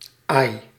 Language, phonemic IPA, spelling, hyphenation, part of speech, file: Dutch, /ɑi̯/, ai, ai, interjection / noun, Nl-ai.ogg
- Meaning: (interjection) expression of pain, grief or pity: ay; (noun) pale-throated three-toed sloth (Bradypus tridactylus)